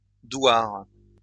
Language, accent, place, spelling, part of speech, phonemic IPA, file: French, France, Lyon, douar, noun, /dwaʁ/, LL-Q150 (fra)-douar.wav
- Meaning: douar, duar